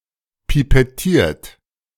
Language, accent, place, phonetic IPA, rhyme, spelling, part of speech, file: German, Germany, Berlin, [pipɛˈtiːɐ̯t], -iːɐ̯t, pipettiert, verb, De-pipettiert.ogg
- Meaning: 1. past participle of pipettieren 2. inflection of pipettieren: third-person singular present 3. inflection of pipettieren: second-person plural present 4. inflection of pipettieren: plural imperative